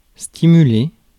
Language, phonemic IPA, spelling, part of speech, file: French, /sti.my.le/, stimuler, verb, Fr-stimuler.ogg
- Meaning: 1. to stimulate 2. to whip up